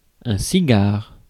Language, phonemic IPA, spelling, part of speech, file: French, /si.ɡaʁ/, cigare, noun, Fr-cigare.ogg
- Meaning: 1. cigar (rolled bundle of tobacco made for smoking) 2. head, face